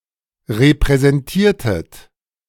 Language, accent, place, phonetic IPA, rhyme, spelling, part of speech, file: German, Germany, Berlin, [ʁepʁɛzɛnˈtiːɐ̯tət], -iːɐ̯tət, repräsentiertet, verb, De-repräsentiertet.ogg
- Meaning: inflection of repräsentieren: 1. second-person plural preterite 2. second-person plural subjunctive II